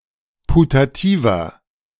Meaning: inflection of putativ: 1. strong/mixed nominative masculine singular 2. strong genitive/dative feminine singular 3. strong genitive plural
- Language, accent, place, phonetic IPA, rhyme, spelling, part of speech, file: German, Germany, Berlin, [putaˈtiːvɐ], -iːvɐ, putativer, adjective, De-putativer.ogg